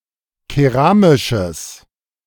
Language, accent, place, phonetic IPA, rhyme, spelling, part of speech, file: German, Germany, Berlin, [keˈʁaːmɪʃəs], -aːmɪʃəs, keramisches, adjective, De-keramisches.ogg
- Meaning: strong/mixed nominative/accusative neuter singular of keramisch